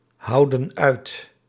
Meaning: inflection of uithouden: 1. plural present indicative 2. plural present subjunctive
- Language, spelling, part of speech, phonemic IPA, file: Dutch, houden uit, verb, /ˈhɑudə(n) ˈœyt/, Nl-houden uit.ogg